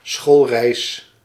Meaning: school excursion, school trip
- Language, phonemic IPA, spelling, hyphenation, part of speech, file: Dutch, /ˈsxoːl.rɛi̯s/, schoolreis, school‧reis, noun, Nl-schoolreis.ogg